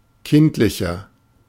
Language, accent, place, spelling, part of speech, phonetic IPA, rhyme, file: German, Germany, Berlin, kindlicher, adjective, [ˈkɪntlɪçɐ], -ɪntlɪçɐ, De-kindlicher.ogg
- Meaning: 1. comparative degree of kindlich 2. inflection of kindlich: strong/mixed nominative masculine singular 3. inflection of kindlich: strong genitive/dative feminine singular